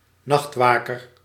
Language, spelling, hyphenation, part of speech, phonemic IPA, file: Dutch, nachtwaker, nacht‧wa‧ker, noun, /ˈnɑxtˌʋaː.kər/, Nl-nachtwaker.ogg
- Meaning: a nightguard (person), a night watchman (usually male)